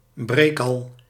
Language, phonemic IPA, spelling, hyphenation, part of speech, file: Dutch, /ˈbreːk.ɑl/, breekal, breek‧al, noun, Nl-breekal.ogg
- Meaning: butterfingers, someone who is prone to breaking things